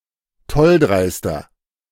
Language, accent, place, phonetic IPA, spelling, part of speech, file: German, Germany, Berlin, [ˈtɔlˌdʁaɪ̯stɐ], tolldreister, adjective, De-tolldreister.ogg
- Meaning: 1. comparative degree of tolldreist 2. inflection of tolldreist: strong/mixed nominative masculine singular 3. inflection of tolldreist: strong genitive/dative feminine singular